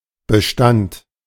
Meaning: 1. stock, inventory 2. portfolio 3. population 4. durable existence, persistence; duration; continuance 5. lease
- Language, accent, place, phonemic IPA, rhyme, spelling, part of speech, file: German, Germany, Berlin, /bəˈʃtant/, -ant, Bestand, noun, De-Bestand.ogg